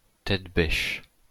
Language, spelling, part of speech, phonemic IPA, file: French, tête-bêche, adverb / noun, /tɛt.bɛʃ/, LL-Q150 (fra)-tête-bêche.wav
- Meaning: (adverb) head to foot, top to tail, head-to-tail; with the head of one being placed next to the feet of the other, heads and thraws; (of one object) with a head at both ends